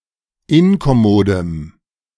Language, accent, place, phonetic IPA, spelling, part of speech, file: German, Germany, Berlin, [ˈɪnkɔˌmoːdəm], inkommodem, adjective, De-inkommodem.ogg
- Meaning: strong dative masculine/neuter singular of inkommod